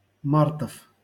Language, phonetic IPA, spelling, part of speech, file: Russian, [ˈmartəf], мартов, noun, LL-Q7737 (rus)-мартов.wav
- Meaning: genitive plural of март (mart)